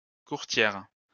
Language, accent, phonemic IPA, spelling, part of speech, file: French, France, /kuʁ.tjɛʁ/, courtière, noun, LL-Q150 (fra)-courtière.wav
- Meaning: female equivalent of courtier